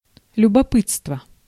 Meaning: curiosity, interest
- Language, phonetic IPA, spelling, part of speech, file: Russian, [lʲʊbɐˈpɨt͡stvə], любопытство, noun, Ru-любопытство.ogg